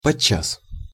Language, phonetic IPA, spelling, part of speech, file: Russian, [pɐˈt͡ɕːas], подчас, adverb, Ru-подчас.ogg
- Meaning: at times, sometimes